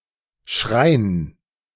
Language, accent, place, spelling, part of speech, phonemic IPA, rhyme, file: German, Germany, Berlin, Schrein, noun, /ʃʁaɪ̯n/, -aɪ̯n, De-Schrein.ogg
- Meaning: 1. a wooden case or box; a cupboard (in general) 2. an ornate case, typically but not necessarily wooden, to hold valuable things, especially relics